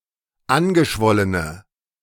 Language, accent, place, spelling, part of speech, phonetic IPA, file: German, Germany, Berlin, angeschwollene, adjective, [ˈanɡəˌʃvɔlənə], De-angeschwollene.ogg
- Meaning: inflection of angeschwollen: 1. strong/mixed nominative/accusative feminine singular 2. strong nominative/accusative plural 3. weak nominative all-gender singular